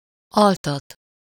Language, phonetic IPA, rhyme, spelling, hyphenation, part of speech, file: Hungarian, [ˈɒltɒt], -ɒt, altat, al‧tat, verb, Hu-altat.ogg
- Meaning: 1. causative of alszik: to make someone fall asleep, lull to sleep 2. to place someone under general anesthesia